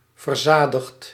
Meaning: past participle of verzadigen
- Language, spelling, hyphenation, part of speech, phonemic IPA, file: Dutch, verzadigd, ver‧za‧digd, verb, /vərˈzaː.dəxt/, Nl-verzadigd.ogg